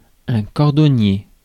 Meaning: 1. shoemaker 2. cobbler
- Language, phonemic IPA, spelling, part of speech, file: French, /kɔʁ.dɔ.nje/, cordonnier, noun, Fr-cordonnier.ogg